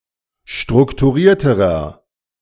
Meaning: inflection of strukturiert: 1. strong/mixed nominative masculine singular comparative degree 2. strong genitive/dative feminine singular comparative degree 3. strong genitive plural comparative degree
- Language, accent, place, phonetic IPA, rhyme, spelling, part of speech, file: German, Germany, Berlin, [ˌʃtʁʊktuˈʁiːɐ̯təʁɐ], -iːɐ̯təʁɐ, strukturierterer, adjective, De-strukturierterer.ogg